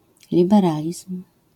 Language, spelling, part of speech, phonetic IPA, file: Polish, liberalizm, noun, [ˌlʲibɛˈralʲism̥], LL-Q809 (pol)-liberalizm.wav